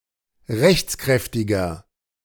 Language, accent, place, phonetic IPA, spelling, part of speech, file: German, Germany, Berlin, [ˈʁɛçt͡sˌkʁɛftɪɡɐ], rechtskräftiger, adjective, De-rechtskräftiger.ogg
- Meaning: inflection of rechtskräftig: 1. strong/mixed nominative masculine singular 2. strong genitive/dative feminine singular 3. strong genitive plural